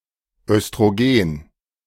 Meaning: estrogen, œstrogen, oestrogen
- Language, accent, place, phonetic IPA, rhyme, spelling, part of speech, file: German, Germany, Berlin, [œstʁoˈɡeːn], -eːn, Östrogen, noun, De-Östrogen.ogg